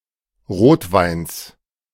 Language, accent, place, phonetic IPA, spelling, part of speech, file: German, Germany, Berlin, [ˈʁoːtˌvaɪ̯ns], Rotweins, noun, De-Rotweins.ogg
- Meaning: genitive singular of Rotwein